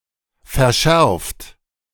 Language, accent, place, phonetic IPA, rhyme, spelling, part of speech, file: German, Germany, Berlin, [fɛɐ̯ˈʃɛʁft], -ɛʁft, verschärft, verb, De-verschärft.ogg
- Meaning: 1. past participle of verschärfen 2. inflection of verschärfen: third-person singular present 3. inflection of verschärfen: second-person plural present 4. inflection of verschärfen: plural imperative